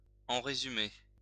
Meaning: in a nutshell
- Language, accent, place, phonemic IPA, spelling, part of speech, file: French, France, Lyon, /ɑ̃ ʁe.zy.me/, en résumé, adverb, LL-Q150 (fra)-en résumé.wav